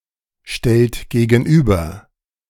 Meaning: inflection of gegenüberstellen: 1. second-person plural present 2. third-person singular present 3. plural imperative
- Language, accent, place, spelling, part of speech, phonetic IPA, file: German, Germany, Berlin, stellt gegenüber, verb, [ˌʃtɛlt ɡeːɡn̩ˈʔyːbɐ], De-stellt gegenüber.ogg